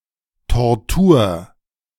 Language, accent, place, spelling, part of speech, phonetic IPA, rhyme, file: German, Germany, Berlin, Tortur, noun, [tɔʁˈtuːɐ̯], -uːɐ̯, De-Tortur.ogg
- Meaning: 1. torture 2. ordeal